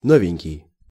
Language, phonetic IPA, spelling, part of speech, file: Russian, [ˈnovʲɪnʲkʲɪj], новенький, adjective / noun, Ru-новенький.ogg
- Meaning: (adjective) brand new (utterly new); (noun) novice, newcomer